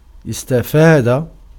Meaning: to earn, to acquire, to benefit, to profit, to capitalize, to avail oneself of
- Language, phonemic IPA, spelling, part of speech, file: Arabic, /is.ta.faː.da/, استفاد, verb, Ar-استفاد.ogg